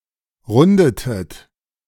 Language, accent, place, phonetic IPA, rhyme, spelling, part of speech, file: German, Germany, Berlin, [ˈʁʊndətət], -ʊndətət, rundetet, verb, De-rundetet.ogg
- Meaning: inflection of runden: 1. second-person plural preterite 2. second-person plural subjunctive II